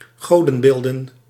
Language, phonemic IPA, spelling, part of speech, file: Dutch, /ˈɣodə(n)ˌbeldə(n)/, godenbeelden, noun, Nl-godenbeelden.ogg
- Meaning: plural of godenbeeld